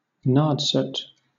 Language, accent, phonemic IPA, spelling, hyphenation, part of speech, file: English, Southern England, /ˈnɑːdsət/, Nadsat, Nad‧sat, proper noun, LL-Q1860 (eng)-Nadsat.wav
- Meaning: The Russian-influenced argot used by the teenage protagonists in Anthony Burgess's novel A Clockwork Orange (1962)